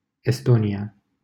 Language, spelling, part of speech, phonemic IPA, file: Romanian, Estonia, proper noun, /esˈto.ni.(j)a/, LL-Q7913 (ron)-Estonia.wav
- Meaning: Estonia (a country in northeastern Europe, on the southeastern coast of the Baltic Sea)